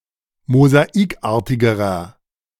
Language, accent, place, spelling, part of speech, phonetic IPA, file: German, Germany, Berlin, mosaikartigerer, adjective, [mozaˈiːkˌʔaːɐ̯tɪɡəʁɐ], De-mosaikartigerer.ogg
- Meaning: inflection of mosaikartig: 1. strong/mixed nominative masculine singular comparative degree 2. strong genitive/dative feminine singular comparative degree 3. strong genitive plural comparative degree